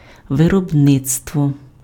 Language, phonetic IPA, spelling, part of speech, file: Ukrainian, [ʋerɔbˈnɪt͡stwɔ], виробництво, noun, Uk-виробництво.ogg
- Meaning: production, manufacturing